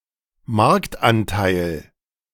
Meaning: market share
- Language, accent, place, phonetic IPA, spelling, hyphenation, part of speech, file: German, Germany, Berlin, [ˈmaʁktˌʔantaɪ̯l], Marktanteil, Markt‧an‧teil, noun, De-Marktanteil.ogg